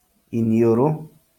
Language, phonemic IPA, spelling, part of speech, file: Kikuyu, /ìniòɾóꜜ/, iniũrũ, noun, LL-Q33587 (kik)-iniũrũ.wav
- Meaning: nose